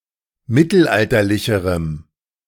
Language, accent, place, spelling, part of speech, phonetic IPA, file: German, Germany, Berlin, mittelalterlicherem, adjective, [ˈmɪtl̩ˌʔaltɐlɪçəʁəm], De-mittelalterlicherem.ogg
- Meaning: strong dative masculine/neuter singular comparative degree of mittelalterlich